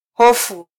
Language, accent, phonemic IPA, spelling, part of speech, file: Swahili, Kenya, /ˈhɔ.fu/, hofu, noun / verb, Sw-ke-hofu.flac
- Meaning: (noun) fear; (verb) to fear, be afraid